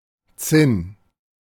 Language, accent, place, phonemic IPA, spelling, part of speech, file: German, Germany, Berlin, /ˈtsɪn/, Zinn, noun / proper noun, De-Zinn.ogg
- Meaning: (noun) tin; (proper noun) a surname